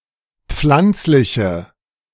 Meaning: inflection of pflanzlich: 1. strong/mixed nominative/accusative feminine singular 2. strong nominative/accusative plural 3. weak nominative all-gender singular
- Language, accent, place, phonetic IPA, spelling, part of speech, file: German, Germany, Berlin, [ˈp͡flant͡slɪçə], pflanzliche, adjective, De-pflanzliche.ogg